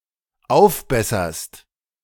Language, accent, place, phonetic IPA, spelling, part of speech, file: German, Germany, Berlin, [ˈaʊ̯fˌbɛsɐst], aufbesserst, verb, De-aufbesserst.ogg
- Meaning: second-person singular dependent present of aufbessern